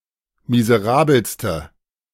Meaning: inflection of miserabel: 1. strong/mixed nominative/accusative feminine singular superlative degree 2. strong nominative/accusative plural superlative degree
- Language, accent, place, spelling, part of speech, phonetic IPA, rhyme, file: German, Germany, Berlin, miserabelste, adjective, [mizəˈʁaːbl̩stə], -aːbl̩stə, De-miserabelste.ogg